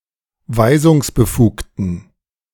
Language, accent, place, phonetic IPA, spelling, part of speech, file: German, Germany, Berlin, [ˈvaɪ̯zʊŋsbəˌfuːktn̩], weisungsbefugten, adjective, De-weisungsbefugten.ogg
- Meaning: inflection of weisungsbefugt: 1. strong genitive masculine/neuter singular 2. weak/mixed genitive/dative all-gender singular 3. strong/weak/mixed accusative masculine singular 4. strong dative plural